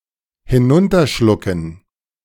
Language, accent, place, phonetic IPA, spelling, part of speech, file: German, Germany, Berlin, [hɪˈnʊntɐˌʃlʊkn̩], hinunterschlucken, verb, De-hinunterschlucken.ogg
- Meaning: to swallow